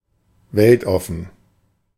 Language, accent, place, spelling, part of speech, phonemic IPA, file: German, Germany, Berlin, weltoffen, adjective, /ˈvɛltˌɔfn̩/, De-weltoffen.ogg
- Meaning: 1. liberal-minded 2. cosmopolitan